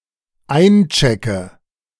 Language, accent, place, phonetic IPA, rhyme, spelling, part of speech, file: German, Germany, Berlin, [ˈaɪ̯nˌt͡ʃɛkə], -aɪ̯nt͡ʃɛkə, einchecke, verb, De-einchecke.ogg
- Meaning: inflection of einchecken: 1. first-person singular dependent present 2. first/third-person singular dependent subjunctive I